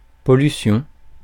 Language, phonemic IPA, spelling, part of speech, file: French, /pɔ.ly.sjɔ̃/, pollution, noun, Fr-pollution.ogg
- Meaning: pollution